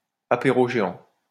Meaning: synonym of apéritif géant
- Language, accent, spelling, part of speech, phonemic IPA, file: French, France, apéro géant, noun, /a.pe.ʁo ʒe.ɑ̃/, LL-Q150 (fra)-apéro géant.wav